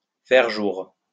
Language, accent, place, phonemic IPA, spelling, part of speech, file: French, France, Lyon, /fɛʁ ʒuʁ/, faire jour, verb, LL-Q150 (fra)-faire jour.wav
- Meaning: to be daylight